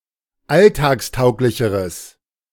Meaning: strong/mixed nominative/accusative neuter singular comparative degree of alltagstauglich
- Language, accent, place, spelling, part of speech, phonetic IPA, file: German, Germany, Berlin, alltagstauglicheres, adjective, [ˈaltaːksˌtaʊ̯klɪçəʁəs], De-alltagstauglicheres.ogg